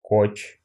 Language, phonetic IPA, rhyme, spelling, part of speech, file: Russian, [kot͡ɕ], -ot͡ɕ, коч, noun, Ru-коч.ogg
- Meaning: koch (boat of Pomors)